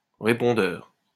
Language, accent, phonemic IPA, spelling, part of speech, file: French, France, /ʁe.pɔ̃.dœʁ/, répondeur, adjective / noun, LL-Q150 (fra)-répondeur.wav
- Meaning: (adjective) lippy, mouthy; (noun) 1. answering machine (device that automatically records voice mail) 2. transponder